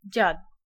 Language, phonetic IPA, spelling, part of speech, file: Polish, [d͡ʑat], dziad, noun, Pl-dziad.ogg